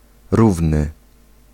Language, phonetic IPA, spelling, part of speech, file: Polish, [ˈruvnɨ], równy, adjective, Pl-równy.ogg